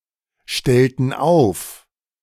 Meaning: inflection of aufstellen: 1. first/third-person plural preterite 2. first/third-person plural subjunctive II
- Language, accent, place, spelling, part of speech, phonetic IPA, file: German, Germany, Berlin, stellten auf, verb, [ˌʃtɛltn̩ ˈaʊ̯f], De-stellten auf.ogg